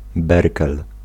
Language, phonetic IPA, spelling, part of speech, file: Polish, [ˈbɛrkɛl], berkel, noun, Pl-berkel.ogg